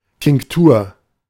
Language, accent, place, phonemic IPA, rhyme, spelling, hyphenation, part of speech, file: German, Germany, Berlin, /tɪŋkˈtuːɐ̯/, -uːɐ̯, Tinktur, Tink‧tur, noun, De-Tinktur.ogg
- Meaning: tincture